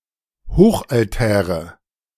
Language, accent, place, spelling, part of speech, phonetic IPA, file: German, Germany, Berlin, Hochaltäre, noun, [ˈhoːxʔalˌtɛːʁə], De-Hochaltäre.ogg
- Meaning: nominative/accusative/genitive plural of Hochaltar